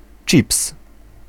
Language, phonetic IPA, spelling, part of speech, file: Polish, [t͡ʃʲips], chips, noun, Pl-chips.ogg